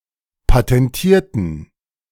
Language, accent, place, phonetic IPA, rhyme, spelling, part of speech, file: German, Germany, Berlin, [patɛnˈtiːɐ̯tn̩], -iːɐ̯tn̩, patentierten, adjective / verb, De-patentierten.ogg
- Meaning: inflection of patentieren: 1. first/third-person plural preterite 2. first/third-person plural subjunctive II